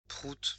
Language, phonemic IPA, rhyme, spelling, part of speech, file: French, /pʁut/, -ut, prout, noun, Fr-prout.ogg
- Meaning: fart, trump, toot (an emission of flatulent gases)